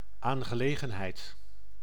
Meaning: matter, affair
- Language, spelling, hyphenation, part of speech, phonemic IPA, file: Dutch, aangelegenheid, aan‧ge‧le‧gen‧heid, noun, /ˌaːŋɣəˈleːɣə(n)ɦɛi̯t/, Nl-aangelegenheid.ogg